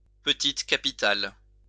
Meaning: small caps (font variant)
- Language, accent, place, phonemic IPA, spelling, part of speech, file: French, France, Lyon, /pə.tit ka.pi.tal/, petite capitale, noun, LL-Q150 (fra)-petite capitale.wav